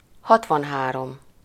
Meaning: sixty-three
- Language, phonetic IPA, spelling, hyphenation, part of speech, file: Hungarian, [ˈhɒtvɒnɦaːrom], hatvanhárom, hat‧van‧há‧rom, numeral, Hu-hatvanhárom.ogg